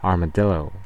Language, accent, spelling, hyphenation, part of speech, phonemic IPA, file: English, US, armadillo, ar‧ma‧dil‧lo, noun, /ɑɹməˈdɪloʊ/, En-us-armadillo.ogg